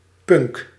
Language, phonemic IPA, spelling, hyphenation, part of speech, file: Dutch, /pʏŋk/, punk, punk, noun, Nl-punk.ogg
- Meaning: 1. punk, punk rock (rock genre) 2. a punk (member of the punk subculture, fan of punk rock)